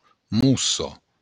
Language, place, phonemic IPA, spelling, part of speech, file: Occitan, Béarn, /ˈmuso/, mossa, noun, LL-Q14185 (oci)-mossa.wav
- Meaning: moss